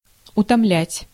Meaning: to fatigue, to weary, to tire
- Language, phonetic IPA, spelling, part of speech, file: Russian, [ʊtɐˈmlʲætʲ], утомлять, verb, Ru-утомлять.ogg